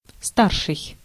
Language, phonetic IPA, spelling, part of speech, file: Russian, [ˈstarʂɨj], старший, adjective / noun, Ru-старший.ogg
- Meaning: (adjective) 1. elder, older, senior 2. eldest, oldest 3. higher, highest 4. first (lieutenant) 5. senior (suffix used for names of elders); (noun) 1. foreman 2. chief, man in charge